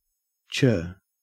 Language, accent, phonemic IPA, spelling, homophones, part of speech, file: English, Australia, /t͡ʃɜː/, chur, churr, interjection / noun / adjective / verb, En-au-chur.ogg
- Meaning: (interjection) 1. A strong voicing of agreement, approval, or thanks: awesome!, cheers!, ta!, thanks! 2. A parting salutation: bye, see you later; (noun) An island or shoal in a river